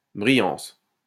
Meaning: 1. shininess 2. brightness
- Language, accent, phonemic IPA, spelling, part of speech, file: French, France, /bʁi.jɑ̃s/, brillance, noun, LL-Q150 (fra)-brillance.wav